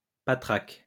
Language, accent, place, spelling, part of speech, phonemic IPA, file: French, France, Lyon, patraque, adjective / noun, /pa.tʁak/, LL-Q150 (fra)-patraque.wav
- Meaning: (adjective) out of sorts, under the weather; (noun) old machine, rattletrap